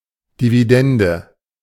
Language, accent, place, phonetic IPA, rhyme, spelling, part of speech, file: German, Germany, Berlin, [diviˈdɛndə], -ɛndə, Dividende, noun, De-Dividende.ogg
- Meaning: dividend